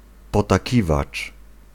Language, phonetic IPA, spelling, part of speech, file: Polish, [ˌpɔtaˈcivat͡ʃ], potakiwacz, noun, Pl-potakiwacz.ogg